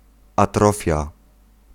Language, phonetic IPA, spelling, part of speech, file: Polish, [aˈtrɔfʲja], atrofia, noun, Pl-atrofia.ogg